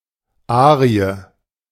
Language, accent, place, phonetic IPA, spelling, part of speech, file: German, Germany, Berlin, [ˈaːʀɪ̯ə], Arie, noun, De-Arie.ogg
- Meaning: aria (solo singing piece, notably in operatic genres)